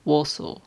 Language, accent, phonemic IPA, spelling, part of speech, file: English, UK, /ˈwɔːsɔː/, Warsaw, proper noun, En-uk-Warsaw.ogg
- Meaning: 1. The capital city of Poland; the capital city of Masovian Voivodeship 2. The Polish government 3. A city, the county seat of Kosciusko County, Indiana, United States